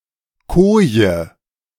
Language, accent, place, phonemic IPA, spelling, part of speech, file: German, Germany, Berlin, /ˈkoː.jə/, Koje, noun, De-Koje.ogg
- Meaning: 1. cabin; berth (sleeping room on a ship) 2. bunk (built-in bed on a ship) 3. bed